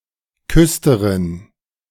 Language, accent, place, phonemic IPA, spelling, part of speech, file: German, Germany, Berlin, /ˈkʏstɐʁɪn/, Küsterin, noun, De-Küsterin.ogg
- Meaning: female equivalent of Küster (“sexton”)